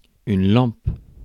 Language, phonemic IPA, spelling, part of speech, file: French, /lɑ̃p/, lampe, noun / verb, Fr-lampe.ogg
- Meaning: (noun) 1. lamp, light 2. bulb; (verb) inflection of lamper: 1. first/third-person singular present indicative/subjunctive 2. second-person singular imperative